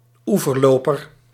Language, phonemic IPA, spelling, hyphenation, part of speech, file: Dutch, /ˈu.vərˌloː.pər/, oeverloper, oe‧ver‧lo‧per, noun, Nl-oeverloper.ogg
- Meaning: common sandpiper (Actitis hypoleucos)